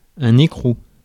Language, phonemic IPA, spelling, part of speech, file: French, /e.kʁu/, écrou, noun, Fr-écrou.ogg
- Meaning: 1. nut (that fits on a bolt), female screw 2. prison register, prison admission form; incarceration